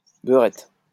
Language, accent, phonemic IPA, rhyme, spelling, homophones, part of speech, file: French, France, /bœ.ʁɛt/, -ɛt, beurette, beurettes, noun, LL-Q150 (fra)-beurette.wav
- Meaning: a woman of Maghrebi descent born and living in France; female equivalent of beur